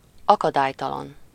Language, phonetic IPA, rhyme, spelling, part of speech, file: Hungarian, [ˈɒkɒdaːjtɒlɒn], -ɒn, akadálytalan, adjective, Hu-akadálytalan.ogg
- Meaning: unhindered, unimpeded, unobstructed